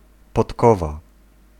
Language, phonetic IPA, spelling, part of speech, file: Polish, [pɔtˈkɔva], podkowa, noun, Pl-podkowa.ogg